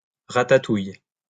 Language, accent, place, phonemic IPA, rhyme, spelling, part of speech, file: French, France, Lyon, /ʁa.ta.tuj/, -uj, ratatouille, noun, LL-Q150 (fra)-ratatouille.wav
- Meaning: 1. a traditional French Provençal stewed vegetable dish consisting primarily of tomatoes, zucchini and eggplant, with other ingredients 2. beating, whipping